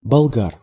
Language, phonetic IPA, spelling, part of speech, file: Russian, [bɐɫˈɡar], болгар, noun, Ru-болга́р.ogg
- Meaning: genitive/accusative plural of болга́рин (bolgárin)